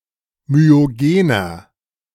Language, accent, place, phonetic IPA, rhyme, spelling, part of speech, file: German, Germany, Berlin, [myoˈɡeːnɐ], -eːnɐ, myogener, adjective, De-myogener.ogg
- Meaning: inflection of myogen: 1. strong/mixed nominative masculine singular 2. strong genitive/dative feminine singular 3. strong genitive plural